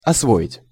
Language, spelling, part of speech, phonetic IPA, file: Russian, освоить, verb, [ɐsˈvoɪtʲ], Ru-освоить.ogg
- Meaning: 1. to master, to cope with (making knowledge or method into one's "own") 2. to settle, to open up, to develop (new territories) 3. to develop; to become familiar with the use (of lands or machines)